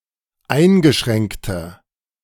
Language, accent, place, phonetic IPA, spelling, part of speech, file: German, Germany, Berlin, [ˈaɪ̯nɡəˌʃʁɛŋktɐ], eingeschränkter, adjective, De-eingeschränkter.ogg
- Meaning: inflection of eingeschränkt: 1. strong/mixed nominative masculine singular 2. strong genitive/dative feminine singular 3. strong genitive plural